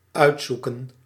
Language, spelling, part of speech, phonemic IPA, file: Dutch, uitzoeken, verb, /ˈœy̯tˌzu.kə(n)/, Nl-uitzoeken.ogg
- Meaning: 1. to pick out, to choose, to select 2. to sort out, to organise 3. to get to the bottom of, to investigate